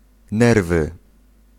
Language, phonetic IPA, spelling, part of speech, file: Polish, [ˈnɛrvɨ], nerwy, noun, Pl-nerwy.ogg